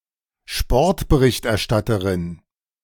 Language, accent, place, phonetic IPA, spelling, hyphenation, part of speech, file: German, Germany, Berlin, [ˈʃpɔɐ̯tbəˈʁɪçtʔɛɐ̯ˌʃtatəʁɪn], Sportberichterstatterin, Sport‧be‧richt‧er‧stat‧te‧rin, noun, De-Sportberichterstatterin.ogg
- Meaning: female equivalent of Sportberichterstatter